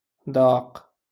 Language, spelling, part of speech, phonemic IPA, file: Moroccan Arabic, داق, verb, /daːq/, LL-Q56426 (ary)-داق.wav
- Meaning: to taste